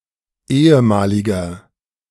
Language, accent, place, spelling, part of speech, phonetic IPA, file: German, Germany, Berlin, ehemaliger, adjective, [ˈeːəˌmaːlɪɡɐ], De-ehemaliger.ogg
- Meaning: inflection of ehemalig: 1. strong/mixed nominative masculine singular 2. strong genitive/dative feminine singular 3. strong genitive plural